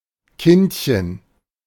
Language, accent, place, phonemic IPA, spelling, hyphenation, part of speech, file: German, Germany, Berlin, /ˈkɪntçən/, Kindchen, Kind‧chen, noun, De-Kindchen.ogg
- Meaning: diminutive of Kind